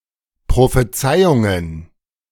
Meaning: plural of Prophezeiung
- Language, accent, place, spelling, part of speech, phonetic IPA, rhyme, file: German, Germany, Berlin, Prophezeiungen, noun, [pʁofeˈt͡saɪ̯ʊŋən], -aɪ̯ʊŋən, De-Prophezeiungen.ogg